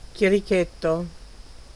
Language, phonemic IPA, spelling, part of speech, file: Italian, /kjeriˈketto/, chierichetto, noun, It-chierichetto.ogg